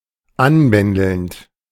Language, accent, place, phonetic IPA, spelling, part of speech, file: German, Germany, Berlin, [ˈanˌbɛndl̩nt], anbändelnd, verb, De-anbändelnd.ogg
- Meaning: present participle of anbändeln